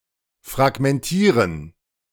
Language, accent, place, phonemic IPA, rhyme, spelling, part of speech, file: German, Germany, Berlin, /fʁaɡmɛnˈtiːʁən/, -iːʁən, fragmentieren, verb, De-fragmentieren.ogg
- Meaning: to fragment